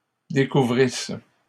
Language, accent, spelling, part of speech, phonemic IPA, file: French, Canada, découvrisse, verb, /de.ku.vʁis/, LL-Q150 (fra)-découvrisse.wav
- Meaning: first-person singular imperfect subjunctive of découvrir